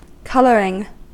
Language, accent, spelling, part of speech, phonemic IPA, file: English, US, colouring, noun / adjective / verb, /ˈkʌl.ɚ.ɪŋ/, En-us-colouring.ogg
- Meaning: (noun) Alternative spelling of coloring; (adjective) Of something that provides colour; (verb) present participle and gerund of colour